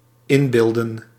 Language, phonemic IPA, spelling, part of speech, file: Dutch, /ˈɪmbeldə(n)/, inbeelden, verb, Nl-inbeelden.ogg
- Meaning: to imagine, to envisage